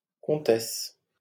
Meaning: countess
- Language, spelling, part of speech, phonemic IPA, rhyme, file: French, comtesse, noun, /kɔ̃.tɛs/, -ɛs, LL-Q150 (fra)-comtesse.wav